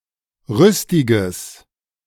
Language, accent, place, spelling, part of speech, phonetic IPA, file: German, Germany, Berlin, rüstiges, adjective, [ˈʁʏstɪɡəs], De-rüstiges.ogg
- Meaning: strong/mixed nominative/accusative neuter singular of rüstig